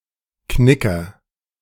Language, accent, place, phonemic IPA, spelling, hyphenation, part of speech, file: German, Germany, Berlin, /ˈknɪkɐ/, Knicker, Kni‧cker, noun, De-Knicker.ogg
- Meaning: niggard, skinflint